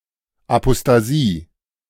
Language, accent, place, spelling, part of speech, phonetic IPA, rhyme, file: German, Germany, Berlin, Apostasie, noun, [apostaˈziː], -iː, De-Apostasie.ogg
- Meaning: apostasy